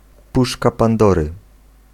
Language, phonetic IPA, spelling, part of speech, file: Polish, [ˈpuʃka pãnˈdɔrɨ], puszka Pandory, noun, Pl-puszka Pandory.ogg